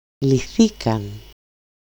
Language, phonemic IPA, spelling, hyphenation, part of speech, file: Greek, /liˈθikan/, λυθήκαν, λυ‧θή‧καν, verb, El-λυθήκαν.ogg
- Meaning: third-person plural simple past passive indicative of λύνω (lýno)